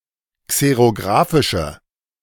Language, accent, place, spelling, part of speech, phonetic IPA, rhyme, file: German, Germany, Berlin, xerographische, adjective, [ˌkseʁoˈɡʁaːfɪʃə], -aːfɪʃə, De-xerographische.ogg
- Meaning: inflection of xerographisch: 1. strong/mixed nominative/accusative feminine singular 2. strong nominative/accusative plural 3. weak nominative all-gender singular